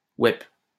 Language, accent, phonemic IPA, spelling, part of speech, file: French, France, /wɛp/, ouaip, interjection, LL-Q150 (fra)-ouaip.wav
- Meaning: pronunciation spelling of ouais: yep